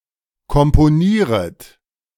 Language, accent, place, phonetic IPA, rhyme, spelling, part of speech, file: German, Germany, Berlin, [kɔmpoˈniːʁət], -iːʁət, komponieret, verb, De-komponieret.ogg
- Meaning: second-person plural subjunctive I of komponieren